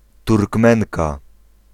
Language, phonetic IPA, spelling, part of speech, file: Polish, [turkˈmɛ̃ŋka], Turkmenka, noun, Pl-Turkmenka.ogg